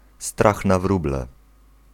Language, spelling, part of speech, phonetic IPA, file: Polish, strach na wróble, noun, [ˈstrax na‿ˈvrublɛ], Pl-strach na wróble.ogg